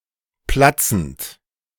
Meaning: present participle of platzen
- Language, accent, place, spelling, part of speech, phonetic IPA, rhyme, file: German, Germany, Berlin, platzend, verb, [ˈplat͡sn̩t], -at͡sn̩t, De-platzend.ogg